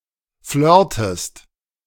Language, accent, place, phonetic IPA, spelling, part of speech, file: German, Germany, Berlin, [ˈflœːɐ̯təst], flirtest, verb, De-flirtest.ogg
- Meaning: inflection of flirten: 1. second-person singular present 2. second-person singular subjunctive I